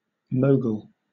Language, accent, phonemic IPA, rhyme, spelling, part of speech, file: English, Southern England, /ˈməʊɡəl/, -əʊɡəl, mogul, noun / verb, LL-Q1860 (eng)-mogul.wav
- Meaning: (noun) 1. A rich or powerful person; a magnate, nabob 2. A hump or bump on a skiing piste